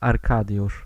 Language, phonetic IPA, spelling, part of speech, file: Polish, [arˈkadʲjuʃ], Arkadiusz, proper noun, Pl-Arkadiusz.ogg